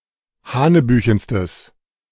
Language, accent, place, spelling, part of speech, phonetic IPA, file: German, Germany, Berlin, hanebüchenstes, adjective, [ˈhaːnəˌbyːçn̩stəs], De-hanebüchenstes.ogg
- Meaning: strong/mixed nominative/accusative neuter singular superlative degree of hanebüchen